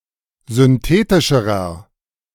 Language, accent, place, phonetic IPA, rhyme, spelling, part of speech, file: German, Germany, Berlin, [zʏnˈteːtɪʃəʁɐ], -eːtɪʃəʁɐ, synthetischerer, adjective, De-synthetischerer.ogg
- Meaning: inflection of synthetisch: 1. strong/mixed nominative masculine singular comparative degree 2. strong genitive/dative feminine singular comparative degree 3. strong genitive plural comparative degree